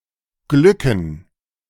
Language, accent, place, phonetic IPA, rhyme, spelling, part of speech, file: German, Germany, Berlin, [ˈɡlʏkn̩], -ʏkn̩, glücken, verb, De-glücken.ogg
- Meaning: to succeed, be successful